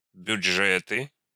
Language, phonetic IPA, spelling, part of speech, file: Russian, [bʲʊd͡ʐˈʐɛtɨ], бюджеты, noun, Ru-бюджеты.ogg
- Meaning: nominative/accusative plural of бюдже́т (bjudžét)